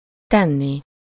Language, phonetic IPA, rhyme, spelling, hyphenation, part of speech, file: Hungarian, [ˈtɛnːi], -ni, tenni, ten‧ni, verb, Hu-tenni.ogg
- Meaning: infinitive of tesz